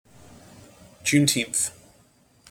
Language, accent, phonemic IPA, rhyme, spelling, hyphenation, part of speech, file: English, General American, /ˌd͡ʒunˈtinθ/, -iːnθ, Juneteenth, June‧teenth, proper noun, En-us-Juneteenth.mp3
- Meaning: Also more fully as Juneteenth Day: the United States national holiday commemorating the end of slavery, observed on June 19